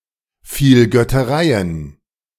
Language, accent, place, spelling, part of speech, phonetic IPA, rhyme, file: German, Germany, Berlin, Vielgöttereien, noun, [ˌfiːlɡœtəˈʁaɪ̯ən], -aɪ̯ən, De-Vielgöttereien.ogg
- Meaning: plural of Vielgötterei